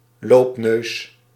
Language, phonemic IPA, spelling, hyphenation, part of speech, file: Dutch, /ˈloːp.nøːs/, loopneus, loop‧neus, noun, Nl-loopneus.ogg
- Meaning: a runny nose